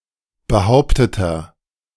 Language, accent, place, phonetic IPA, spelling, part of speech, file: German, Germany, Berlin, [bəˈhaʊ̯ptətɐ], behaupteter, adjective, De-behaupteter.ogg
- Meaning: inflection of behauptet: 1. strong/mixed nominative masculine singular 2. strong genitive/dative feminine singular 3. strong genitive plural